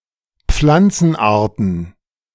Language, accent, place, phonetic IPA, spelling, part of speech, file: German, Germany, Berlin, [ˈp͡flant͡sn̩ˌʔaːɐ̯tn̩], Pflanzenarten, noun, De-Pflanzenarten.ogg
- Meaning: plural of Pflanzenart